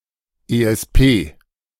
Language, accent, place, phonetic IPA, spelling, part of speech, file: German, Germany, Berlin, [ʔeːʔɛsˈpeː], ESP, abbreviation, De-ESP.ogg
- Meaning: initialism of elektronisches Stabilitätsprogramm (“ESP (electronic stability program)”)